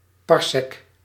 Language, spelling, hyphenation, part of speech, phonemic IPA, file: Dutch, parsec, par‧sec, noun, /ˈpɑr.sɛk/, Nl-parsec.ogg
- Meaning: parsec